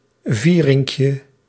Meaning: diminutive of viering
- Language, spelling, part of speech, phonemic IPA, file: Dutch, vierinkje, noun, /ˈvirɪŋkjə/, Nl-vierinkje.ogg